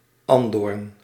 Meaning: a woundwort, betony, plant of the genus Stachys
- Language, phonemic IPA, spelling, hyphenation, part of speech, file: Dutch, /ɑn.doːrn/, andoorn, an‧doorn, noun, Nl-andoorn.ogg